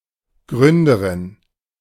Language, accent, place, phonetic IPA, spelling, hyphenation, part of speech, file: German, Germany, Berlin, [ˈɡʁʏndəʁɪn], Gründerin, Grün‧de‧rin, noun, De-Gründerin.ogg
- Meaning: female equivalent of Gründer